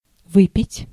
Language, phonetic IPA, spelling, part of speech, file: Russian, [ˈvɨpʲɪtʲ], выпить, verb, Ru-выпить.ogg
- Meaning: 1. to drink, to drink up 2. to have a drink 3. to take a medicine